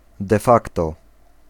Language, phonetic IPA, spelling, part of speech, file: Polish, [dɛ‿ˈfaktɔ], de facto, adverbial phrase, Pl-de facto.ogg